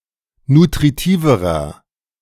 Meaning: inflection of nutritiv: 1. strong/mixed nominative masculine singular comparative degree 2. strong genitive/dative feminine singular comparative degree 3. strong genitive plural comparative degree
- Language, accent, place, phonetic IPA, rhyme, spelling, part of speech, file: German, Germany, Berlin, [nutʁiˈtiːvəʁɐ], -iːvəʁɐ, nutritiverer, adjective, De-nutritiverer.ogg